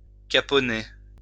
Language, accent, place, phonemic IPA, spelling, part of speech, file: French, France, Lyon, /ka.pɔ.ne/, caponner, verb, LL-Q150 (fra)-caponner.wav
- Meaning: 1. to act cowardly, be yellow, chicken 2. to cat (raise anchor to cathead)